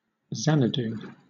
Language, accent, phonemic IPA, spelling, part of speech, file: English, Southern England, /ˈzænəduː/, Xanadu, proper noun / noun, LL-Q1860 (eng)-Xanadu.wav
- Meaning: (proper noun) The summer capital of the Yuan dynasty, now an archaeological site in Zhenglan, Xilingol, Inner Mongolia, China; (noun) A place full of beauty, happiness and wonder